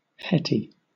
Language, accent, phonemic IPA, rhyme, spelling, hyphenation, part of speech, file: English, Southern England, /ˈhɛti/, -ɛti, hetty, het‧ty, noun / adjective, LL-Q1860 (eng)-hetty.wav
- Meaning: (noun) A heterosexual; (adjective) Heterosexual